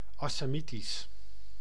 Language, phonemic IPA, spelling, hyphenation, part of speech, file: Dutch, /ɑsaːˈmitis/, Assamitisch, As‧sa‧mi‧tisch, proper noun, Nl-Assamitisch.ogg
- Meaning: Assamese (language)